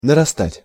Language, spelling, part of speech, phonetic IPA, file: Russian, нарастать, verb, [nərɐˈstatʲ], Ru-нарастать.ogg
- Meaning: 1. to grow on, to be building up 2. to increase, to grow 3. to accrue, to accumulate